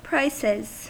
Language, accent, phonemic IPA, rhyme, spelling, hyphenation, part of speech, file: English, US, /ˈpɹaɪsɪz/, -aɪsɪz, prices, prices, noun / verb, En-us-prices.ogg
- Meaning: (noun) plural of price; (verb) third-person singular simple present indicative of price